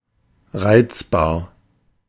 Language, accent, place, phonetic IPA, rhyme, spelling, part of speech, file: German, Germany, Berlin, [ˈʁaɪ̯t͡sbaːɐ̯], -aɪ̯t͡sbaːɐ̯, reizbar, adjective, De-reizbar.ogg
- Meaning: 1. irritable 2. irascible